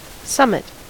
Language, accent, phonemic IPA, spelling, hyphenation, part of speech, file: English, General American, /ˈsʌmət/, summit, sum‧mit, noun / verb, En-us-summit.ogg
- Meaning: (noun) The topmost point or surface of a thing; the apex, the peak.: 1. The highest point of a hill, mountain, or similar geographical feature 2. A vertex of a polygon or polyhedron